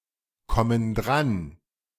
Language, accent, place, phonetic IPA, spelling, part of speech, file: German, Germany, Berlin, [ˌkɔmən ˈdʁan], kommen dran, verb, De-kommen dran.ogg
- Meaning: inflection of drankommen: 1. first/third-person plural present 2. first/third-person plural subjunctive I